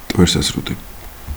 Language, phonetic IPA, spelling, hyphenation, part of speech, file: Georgian, [mtʼʷe̞ɾsäsɾutʼi], მტვერსასრუტი, მტვერ‧სას‧რუ‧ტი, noun, Ka-ge-მტვერსასრუტი.ogg
- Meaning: vacuum cleaner, vacuum, Hoover